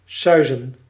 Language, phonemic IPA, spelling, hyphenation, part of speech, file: Dutch, /ˈsœy̯.zə(n)/, suizen, sui‧zen, verb, Nl-suizen.ogg
- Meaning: 1. to whiz 2. to speed, move quickly